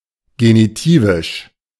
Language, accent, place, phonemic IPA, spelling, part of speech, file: German, Germany, Berlin, /ˈɡeːniˌtiːvɪʃ/, genitivisch, adjective, De-genitivisch.ogg
- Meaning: genitive (of or pertaining to the genitive case)